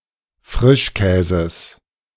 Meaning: genitive singular of Frischkäse
- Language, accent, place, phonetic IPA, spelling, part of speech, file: German, Germany, Berlin, [ˈfʁɪʃˌkɛːzəs], Frischkäses, noun, De-Frischkäses.ogg